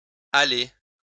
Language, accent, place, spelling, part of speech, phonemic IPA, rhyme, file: French, France, Lyon, allez, verb / interjection, /a.le/, -e, LL-Q150 (fra)-allez.wav
- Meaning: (verb) 1. inflection of aller 2. inflection of aller: second-person plural present indicative 3. inflection of aller: second-person plural imperative